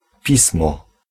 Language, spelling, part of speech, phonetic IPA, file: Polish, Pismo, noun, [ˈpʲismɔ], Pl-Pismo.ogg